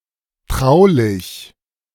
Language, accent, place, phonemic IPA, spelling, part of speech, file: German, Germany, Berlin, /ˈtʁaʊ̯lɪç/, traulich, adjective, De-traulich.ogg
- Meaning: familiar; cosy, homely